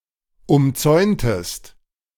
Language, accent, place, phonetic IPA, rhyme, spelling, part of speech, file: German, Germany, Berlin, [ʊmˈt͡sɔɪ̯ntəst], -ɔɪ̯ntəst, umzäuntest, verb, De-umzäuntest.ogg
- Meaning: inflection of umzäunen: 1. second-person singular preterite 2. second-person singular subjunctive II